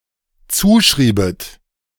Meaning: second-person plural dependent subjunctive II of zuschreiben
- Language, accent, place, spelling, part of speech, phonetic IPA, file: German, Germany, Berlin, zuschriebet, verb, [ˈt͡suːˌʃʁiːbət], De-zuschriebet.ogg